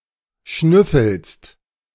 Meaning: second-person singular present of schnüffeln
- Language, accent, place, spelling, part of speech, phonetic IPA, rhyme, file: German, Germany, Berlin, schnüffelst, verb, [ˈʃnʏfl̩st], -ʏfl̩st, De-schnüffelst.ogg